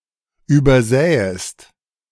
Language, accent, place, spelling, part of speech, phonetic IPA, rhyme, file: German, Germany, Berlin, übersähest, verb, [ˌyːbɐˈzɛːəst], -ɛːəst, De-übersähest.ogg
- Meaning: second-person singular subjunctive II of übersehen